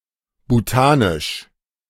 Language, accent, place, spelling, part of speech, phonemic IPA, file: German, Germany, Berlin, bhutanisch, adjective, /buˈtaːnɪʃ/, De-bhutanisch.ogg
- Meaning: of Bhutan; Bhutanese